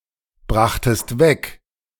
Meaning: second-person singular preterite of wegbringen
- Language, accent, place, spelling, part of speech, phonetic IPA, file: German, Germany, Berlin, brachtest weg, verb, [ˌbʁaxtəst ˈvɛk], De-brachtest weg.ogg